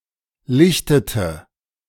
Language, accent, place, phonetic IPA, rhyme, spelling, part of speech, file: German, Germany, Berlin, [ˈlɪçtətə], -ɪçtətə, lichtete, verb, De-lichtete.ogg
- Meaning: inflection of lichten: 1. first/third-person singular preterite 2. first/third-person singular subjunctive II